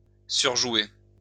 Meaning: 1. to ham, to overplay one's role 2. to overplay (a poker hand)
- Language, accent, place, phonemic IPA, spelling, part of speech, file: French, France, Lyon, /syʁ.ʒwe/, surjouer, verb, LL-Q150 (fra)-surjouer.wav